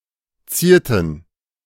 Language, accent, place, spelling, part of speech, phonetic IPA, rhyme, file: German, Germany, Berlin, zierten, verb, [ˈt͡siːɐ̯tn̩], -iːɐ̯tn̩, De-zierten.ogg
- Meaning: inflection of zieren: 1. first/third-person plural preterite 2. first/third-person plural subjunctive II